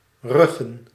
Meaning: plural of rug
- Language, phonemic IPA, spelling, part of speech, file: Dutch, /ˈrʏɣə(n)/, ruggen, noun, Nl-ruggen.ogg